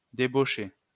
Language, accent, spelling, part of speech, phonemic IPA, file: French, France, débaucher, verb, /de.bo.ʃe/, LL-Q150 (fra)-débaucher.wav
- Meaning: 1. to debauch 2. to lure away, to entice to desert or abandon one's duty, post, etc 3. to headhunt (someone else's employee) 4. to make redundant, to lay off